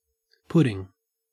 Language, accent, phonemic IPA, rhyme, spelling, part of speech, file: English, Australia, /ˈpʊdɪŋ/, -ʊdɪŋ, pudding, noun, En-au-pudding.ogg
- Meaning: 1. Any of various dishes, sweet or savoury, prepared by boiling or steaming or from batter 2. A type of cake or dessert cooked usually by boiling or steaming